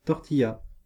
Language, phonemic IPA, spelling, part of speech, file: French, /tɔʁ.ti.ja/, tortilla, noun / verb, Fr-tortilla.ogg
- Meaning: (noun) 1. tortilla (flat round bread made out of cornmeal or flour) 2. tortilla, Spanish omelette (molded omelette made with the addition of fried potatoes and often onions)